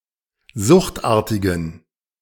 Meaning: inflection of suchtartig: 1. strong genitive masculine/neuter singular 2. weak/mixed genitive/dative all-gender singular 3. strong/weak/mixed accusative masculine singular 4. strong dative plural
- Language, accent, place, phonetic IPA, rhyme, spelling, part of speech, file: German, Germany, Berlin, [ˈzʊxtˌʔaːɐ̯tɪɡn̩], -ʊxtʔaːɐ̯tɪɡn̩, suchtartigen, adjective, De-suchtartigen.ogg